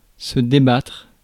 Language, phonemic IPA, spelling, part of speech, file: French, /de.batʁ/, débattre, verb, Fr-débattre.ogg
- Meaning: 1. to negotiate 2. to discuss, debate 3. to struggle